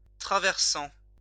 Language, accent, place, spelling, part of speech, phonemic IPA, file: French, France, Lyon, traversant, verb / adjective, /tʁa.vɛʁ.sɑ̃/, LL-Q150 (fra)-traversant.wav
- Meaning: present participle of traverser